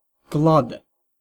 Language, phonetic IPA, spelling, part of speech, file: Latvian, [klade], klade, noun, Lv-klade.ogg
- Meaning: notebook